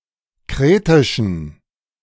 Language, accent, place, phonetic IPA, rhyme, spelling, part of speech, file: German, Germany, Berlin, [ˈkʁeːtɪʃn̩], -eːtɪʃn̩, kretischen, adjective, De-kretischen.ogg
- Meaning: inflection of kretisch: 1. strong genitive masculine/neuter singular 2. weak/mixed genitive/dative all-gender singular 3. strong/weak/mixed accusative masculine singular 4. strong dative plural